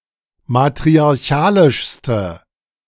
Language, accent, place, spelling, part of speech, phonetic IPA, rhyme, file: German, Germany, Berlin, matriarchalischste, adjective, [matʁiaʁˈçaːlɪʃstə], -aːlɪʃstə, De-matriarchalischste.ogg
- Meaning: inflection of matriarchalisch: 1. strong/mixed nominative/accusative feminine singular superlative degree 2. strong nominative/accusative plural superlative degree